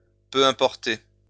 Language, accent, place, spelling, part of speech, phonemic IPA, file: French, France, Lyon, peu importer, verb, /pø ɛ̃.pɔʁ.te/, LL-Q150 (fra)-peu importer.wav
- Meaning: to not matter, to matter little, to be unimportant